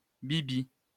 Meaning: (adjective) dual-mode; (noun) 1. a small, lady's hat 2. a bauble or trinket; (pronoun) yours truly (I, me or myself); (verb) to sling, to flog (viz. drugs)
- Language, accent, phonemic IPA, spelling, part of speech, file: French, France, /bi.bi/, bibi, adjective / noun / pronoun / verb, LL-Q150 (fra)-bibi.wav